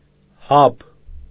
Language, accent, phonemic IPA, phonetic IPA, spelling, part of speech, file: Armenian, Eastern Armenian, /hɑb/, [hɑb], հաբ, noun, Hy-հաբ.ogg
- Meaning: pill